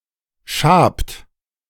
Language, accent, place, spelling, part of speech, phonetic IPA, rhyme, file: German, Germany, Berlin, schabt, verb, [ʃaːpt], -aːpt, De-schabt.ogg
- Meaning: inflection of schaben: 1. third-person singular present 2. second-person plural present 3. plural imperative